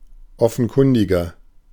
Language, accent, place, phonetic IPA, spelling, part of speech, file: German, Germany, Berlin, [ˈɔfn̩ˌkʊndɪɡɐ], offenkundiger, adjective, De-offenkundiger.ogg
- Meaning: 1. comparative degree of offenkundig 2. inflection of offenkundig: strong/mixed nominative masculine singular 3. inflection of offenkundig: strong genitive/dative feminine singular